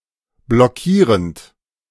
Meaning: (verb) present participle of blockieren; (adjective) blocking
- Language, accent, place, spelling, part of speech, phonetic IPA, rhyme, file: German, Germany, Berlin, blockierend, verb, [blɔˈkiːʁənt], -iːʁənt, De-blockierend.ogg